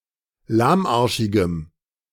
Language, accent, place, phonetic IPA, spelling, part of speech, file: German, Germany, Berlin, [ˈlaːmˌʔaʁʃɪɡəm], lahmarschigem, adjective, De-lahmarschigem.ogg
- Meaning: strong dative masculine/neuter singular of lahmarschig